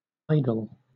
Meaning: 1. A graven image or representation of anything that is revered, or believed to convey spiritual power 2. A cultural icon, or especially popular person
- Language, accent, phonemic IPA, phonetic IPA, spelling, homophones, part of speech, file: English, Southern England, /ˈaɪ.dl̩/, [ˈaɪ.dl̩], idol, idle, noun, LL-Q1860 (eng)-idol.wav